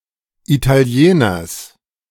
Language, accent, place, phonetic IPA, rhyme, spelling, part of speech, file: German, Germany, Berlin, [itaˈli̯eːnɐs], -eːnɐs, Italieners, noun, De-Italieners.ogg
- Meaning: genitive singular of Italiener